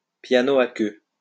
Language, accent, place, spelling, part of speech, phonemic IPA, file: French, France, Lyon, piano à queue, noun, /pja.no a kø/, LL-Q150 (fra)-piano à queue.wav
- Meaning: grand piano (a piano in which the strings are strung horizontally in a heavy frame shaped like a harp)